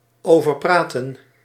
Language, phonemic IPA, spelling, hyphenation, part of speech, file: Dutch, /ˌoːvərˈpraːtə(n)/, overpraten, over‧pra‧ten, verb, Nl-overpraten.ogg
- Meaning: 1. to talk excessively 2. to drown out by talking